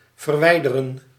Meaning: to remove
- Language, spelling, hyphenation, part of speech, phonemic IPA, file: Dutch, verwijderen, ver‧wij‧de‧ren, verb, /vərˈʋɛi̯.də.rə(n)/, Nl-verwijderen.ogg